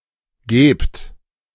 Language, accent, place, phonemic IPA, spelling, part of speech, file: German, Germany, Berlin, /ɡɛːpt/, gäbt, verb, De-gäbt.ogg
- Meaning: second-person plural subjunctive II of geben